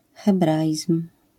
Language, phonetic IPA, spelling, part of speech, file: Polish, [xɛˈbraʲism̥], hebraizm, noun, LL-Q809 (pol)-hebraizm.wav